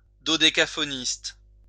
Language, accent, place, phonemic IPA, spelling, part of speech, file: French, France, Lyon, /dɔ.de.ka.fɔ.nist/, dodécaphoniste, noun, LL-Q150 (fra)-dodécaphoniste.wav
- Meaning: dodecaphonist (proponent of dodecaphony)